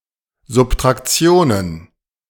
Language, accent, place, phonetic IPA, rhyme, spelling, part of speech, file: German, Germany, Berlin, [zʊptʁakˈt͡si̯oːnən], -oːnən, Subtraktionen, noun, De-Subtraktionen.ogg
- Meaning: plural of Subtraktion